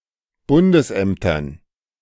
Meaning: dative plural of Bundesamt
- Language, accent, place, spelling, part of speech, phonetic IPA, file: German, Germany, Berlin, Bundesämtern, noun, [ˈbʊndəsˌʔɛmtɐn], De-Bundesämtern.ogg